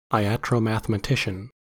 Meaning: Someone who studies iatromathematics; a physician applying a mathematical theory of medicine
- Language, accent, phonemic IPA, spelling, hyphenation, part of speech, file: English, US, /aɪˌæt.ɹoʊˌmæθ.ə.məˈtɪʃ.ən/, iatromathematician, i‧at‧ro‧math‧e‧ma‧ti‧cian, noun, En-us-iatromathematician.ogg